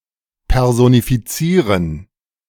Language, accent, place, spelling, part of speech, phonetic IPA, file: German, Germany, Berlin, personifizieren, verb, [pɛrzonifiˈtsiːrən], De-personifizieren.ogg
- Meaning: to personify